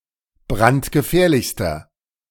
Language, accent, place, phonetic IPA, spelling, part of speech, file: German, Germany, Berlin, [ˈbʁantɡəˌfɛːɐ̯lɪçstɐ], brandgefährlichster, adjective, De-brandgefährlichster.ogg
- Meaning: inflection of brandgefährlich: 1. strong/mixed nominative masculine singular superlative degree 2. strong genitive/dative feminine singular superlative degree